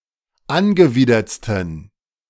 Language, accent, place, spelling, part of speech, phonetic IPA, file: German, Germany, Berlin, angewidertsten, adjective, [ˈanɡəˌviːdɐt͡stn̩], De-angewidertsten.ogg
- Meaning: 1. superlative degree of angewidert 2. inflection of angewidert: strong genitive masculine/neuter singular superlative degree